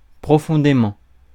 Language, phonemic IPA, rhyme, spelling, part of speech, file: French, /pʁɔ.fɔ̃.de.mɑ̃/, -ɑ̃, profondément, adverb, Fr-profondément.ogg
- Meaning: deeply, profoundly